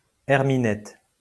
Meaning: 1. female ermine when its fur is yellow in summer, as opposed to white in winter 2. its fur 3. adze 4. spokeshave
- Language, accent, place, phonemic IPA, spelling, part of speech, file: French, France, Lyon, /ɛʁ.mi.nɛt/, herminette, noun, LL-Q150 (fra)-herminette.wav